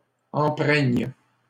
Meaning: first/third-person singular present subjunctive of empreindre
- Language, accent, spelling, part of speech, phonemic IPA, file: French, Canada, empreigne, verb, /ɑ̃.pʁɛɲ/, LL-Q150 (fra)-empreigne.wav